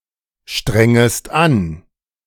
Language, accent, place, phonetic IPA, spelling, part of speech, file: German, Germany, Berlin, [ˌʃtʁɛŋəst ˈan], strengest an, verb, De-strengest an.ogg
- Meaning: second-person singular subjunctive I of anstrengen